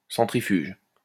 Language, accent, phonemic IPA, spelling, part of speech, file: French, France, /sɑ̃.tʁi.fyʒ/, centrifuge, adjective, LL-Q150 (fra)-centrifuge.wav
- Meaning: centrifugal